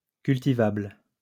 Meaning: cultivable
- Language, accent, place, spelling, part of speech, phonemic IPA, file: French, France, Lyon, cultivable, adjective, /kyl.ti.vabl/, LL-Q150 (fra)-cultivable.wav